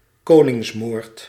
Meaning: regicide, the killing of a king or other ruler
- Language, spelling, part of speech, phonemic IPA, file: Dutch, koningsmoord, noun, /ˈkoː.nɪŋs.moːrt/, Nl-koningsmoord.ogg